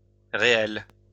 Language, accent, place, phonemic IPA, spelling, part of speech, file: French, France, Lyon, /ʁe.ɛl/, réels, adjective, LL-Q150 (fra)-réels.wav
- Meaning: masculine plural of réel